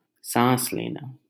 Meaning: alternative spelling of सांस लेना (sāns lenā)
- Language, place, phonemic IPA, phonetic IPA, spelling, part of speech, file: Hindi, Delhi, /sɑ̃ːs leː.nɑː/, [sä̃ːs‿leː.näː], साँस लेना, verb, LL-Q1568 (hin)-साँस लेना.wav